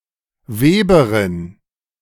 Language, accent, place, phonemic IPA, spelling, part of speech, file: German, Germany, Berlin, /ˈveːbɐʁɪn/, Weberin, noun, De-Weberin.ogg
- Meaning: female equivalent of Weber (“weaver”)